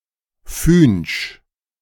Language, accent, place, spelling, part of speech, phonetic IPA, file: German, Germany, Berlin, fühnsch, adjective, [fyːnʃ], De-fühnsch.ogg
- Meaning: alternative form of fünsch